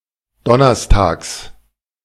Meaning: genitive singular of Donnerstag
- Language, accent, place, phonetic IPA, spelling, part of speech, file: German, Germany, Berlin, [ˈdɔnɐstaːks], Donnerstags, noun, De-Donnerstags.ogg